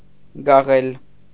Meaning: to hide, conceal
- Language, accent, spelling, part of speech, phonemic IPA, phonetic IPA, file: Armenian, Eastern Armenian, գաղել, verb, /ɡɑˈʁel/, [ɡɑʁél], Hy-գաղել.ogg